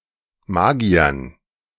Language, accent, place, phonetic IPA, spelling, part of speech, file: German, Germany, Berlin, [ˈmaːɡi̯ɐn], Magiern, noun, De-Magiern.ogg
- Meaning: dative plural of Magier